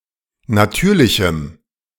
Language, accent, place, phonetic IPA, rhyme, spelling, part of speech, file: German, Germany, Berlin, [naˈtyːɐ̯lɪçm̩], -yːɐ̯lɪçm̩, natürlichem, adjective, De-natürlichem.ogg
- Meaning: strong dative masculine/neuter singular of natürlich